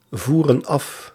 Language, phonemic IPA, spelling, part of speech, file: Dutch, /ˈvurə(n) ˈɑf/, voeren af, verb, Nl-voeren af.ogg
- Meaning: inflection of afvoeren: 1. plural present indicative 2. plural present subjunctive